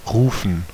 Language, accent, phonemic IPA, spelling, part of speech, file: German, Germany, /ˈʁuːfən/, rufen, verb, De-rufen.ogg
- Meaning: 1. to call out, to shout, to cry (of a person or animal) 2. to call for, to request the presence of 3. to call, to request the presence of 4. to call, to shout (an order, a statement, someone's name)